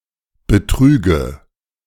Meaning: nominative/accusative/genitive plural of Betrug
- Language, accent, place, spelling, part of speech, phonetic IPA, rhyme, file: German, Germany, Berlin, Betrüge, noun, [bəˈtʁyːɡə], -yːɡə, De-Betrüge.ogg